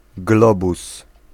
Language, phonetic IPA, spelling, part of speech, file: Polish, [ˈɡlɔbus], globus, noun, Pl-globus.ogg